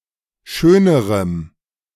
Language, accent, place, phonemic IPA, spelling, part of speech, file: German, Germany, Berlin, /ˈʃøːnəʁəm/, schönerem, adjective, De-schönerem.ogg
- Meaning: strong dative masculine/neuter singular comparative degree of schön